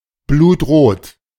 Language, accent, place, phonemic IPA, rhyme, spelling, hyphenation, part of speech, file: German, Germany, Berlin, /bluːtʁoːt/, -oːt, blutrot, blut‧rot, adjective, De-blutrot.ogg
- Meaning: 1. very red, deep red, blood red 2. crimson (colour)